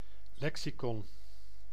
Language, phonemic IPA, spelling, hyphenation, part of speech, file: Dutch, /ˈlɛksiˌkɔn/, lexicon, lexi‧con, noun, Nl-lexicon.ogg
- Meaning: lexicon